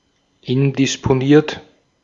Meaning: indisposed
- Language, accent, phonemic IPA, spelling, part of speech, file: German, Austria, /ˈɪndɪsponiːɐ̯t/, indisponiert, adjective, De-at-indisponiert.ogg